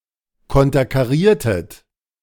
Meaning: inflection of konterkarieren: 1. second-person plural preterite 2. second-person plural subjunctive II
- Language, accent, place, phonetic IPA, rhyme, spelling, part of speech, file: German, Germany, Berlin, [ˌkɔntɐkaˈʁiːɐ̯tət], -iːɐ̯tət, konterkariertet, verb, De-konterkariertet.ogg